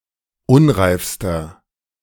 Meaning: inflection of unreif: 1. strong/mixed nominative masculine singular superlative degree 2. strong genitive/dative feminine singular superlative degree 3. strong genitive plural superlative degree
- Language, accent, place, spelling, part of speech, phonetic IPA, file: German, Germany, Berlin, unreifster, adjective, [ˈʊnʁaɪ̯fstɐ], De-unreifster.ogg